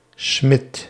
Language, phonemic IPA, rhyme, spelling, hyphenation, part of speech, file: Dutch, /smɪt/, -ɪt, Smit, Smit, proper noun, Nl-Smit.ogg
- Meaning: a surname originating as an occupation, equivalent to Smith in English